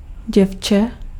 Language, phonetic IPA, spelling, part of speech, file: Czech, [ˈɟɛft͡ʃɛ], děvče, noun, Cs-děvče.ogg
- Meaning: girl (female child)